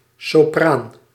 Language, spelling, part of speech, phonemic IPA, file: Dutch, sopraan, noun, /soˈpran/, Nl-sopraan.ogg
- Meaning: 1. the soprano, the highest of the four traditional voice registers, even above alto 2. a soprano or treble, singer or instrument with such natural register